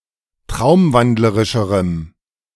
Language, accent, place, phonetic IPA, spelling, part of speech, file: German, Germany, Berlin, [ˈtʁaʊ̯mˌvandləʁɪʃəʁəm], traumwandlerischerem, adjective, De-traumwandlerischerem.ogg
- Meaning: strong dative masculine/neuter singular comparative degree of traumwandlerisch